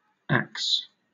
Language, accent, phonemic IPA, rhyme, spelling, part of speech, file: English, Southern England, /æks/, -æks, ax, noun / verb, LL-Q1860 (eng)-ax.wav
- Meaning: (noun) US standard spelling of axe; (verb) Alternative form of ask